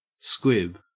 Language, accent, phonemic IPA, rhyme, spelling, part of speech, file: English, Australia, /skwɪb/, -ɪb, squib, noun / verb, En-au-squib.ogg
- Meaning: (noun) 1. A small firework that is intended to spew sparks rather than explode 2. A similar device used to ignite an explosive or launch a rocket, etc 3. A kind of slow match or safety fuse